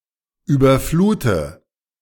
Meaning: inflection of überfluten: 1. first-person singular present 2. first/third-person singular subjunctive I 3. singular imperative
- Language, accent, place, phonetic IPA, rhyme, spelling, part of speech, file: German, Germany, Berlin, [ˌyːbɐˈfluːtə], -uːtə, überflute, verb, De-überflute.ogg